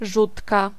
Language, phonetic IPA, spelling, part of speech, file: Polish, [ˈʒutka], rzutka, noun, Pl-rzutka.ogg